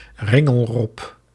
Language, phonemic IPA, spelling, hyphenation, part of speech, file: Dutch, /ˈrɪ.ŋəlˌrɔp/, ringelrob, rin‧gel‧rob, noun, Nl-ringelrob.ogg
- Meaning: ringed seal (Pusa hispida)